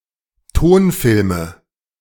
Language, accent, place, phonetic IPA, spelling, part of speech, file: German, Germany, Berlin, [ˈtoːnˌfɪlmə], Tonfilme, noun, De-Tonfilme.ogg
- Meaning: nominative/accusative/genitive plural of Tonfilm